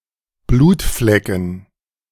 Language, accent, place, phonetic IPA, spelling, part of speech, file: German, Germany, Berlin, [ˈbluːtˌflɛkn̩], Blutflecken, noun, De-Blutflecken.ogg
- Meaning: dative plural of Blutfleck